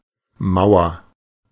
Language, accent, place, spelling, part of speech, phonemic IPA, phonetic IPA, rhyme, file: German, Germany, Berlin, Mauer, noun / proper noun, /ˈmaʊ̯ər/, [ˈmaʊ̯.ɐ], -aʊ̯ɐ, De-Mauer.ogg
- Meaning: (noun) 1. a wall, usually one made of stone or concrete 2. several players forming a blockade against the ball; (proper noun) 1. the Berlin Wall 2. a town in Baden-Württemberg, Germany